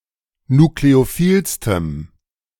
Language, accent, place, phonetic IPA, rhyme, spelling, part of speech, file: German, Germany, Berlin, [nukleoˈfiːlstəm], -iːlstəm, nukleophilstem, adjective, De-nukleophilstem.ogg
- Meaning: strong dative masculine/neuter singular superlative degree of nukleophil